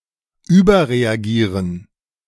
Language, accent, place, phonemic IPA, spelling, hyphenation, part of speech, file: German, Germany, Berlin, /ˈyːbɐʁeaˌɡiːʁən/, überreagieren, über‧re‧agie‧ren, verb, De-überreagieren.ogg
- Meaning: to overreact